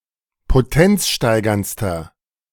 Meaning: inflection of potenzsteigernd: 1. strong/mixed nominative masculine singular superlative degree 2. strong genitive/dative feminine singular superlative degree
- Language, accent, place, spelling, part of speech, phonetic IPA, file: German, Germany, Berlin, potenzsteigerndster, adjective, [poˈtɛnt͡sˌʃtaɪ̯ɡɐnt͡stɐ], De-potenzsteigerndster.ogg